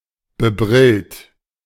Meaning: bespectacled
- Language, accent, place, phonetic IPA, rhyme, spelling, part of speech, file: German, Germany, Berlin, [bəˈbʁɪlt], -ɪlt, bebrillt, adjective, De-bebrillt.ogg